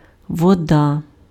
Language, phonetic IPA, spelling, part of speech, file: Ukrainian, [wɔˈda], вода, noun, Uk-вода.ogg
- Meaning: water